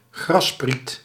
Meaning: blade of grass
- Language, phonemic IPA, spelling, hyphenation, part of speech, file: Dutch, /ˈɣrɑsprit/, grasspriet, gras‧spriet, noun, Nl-grasspriet.ogg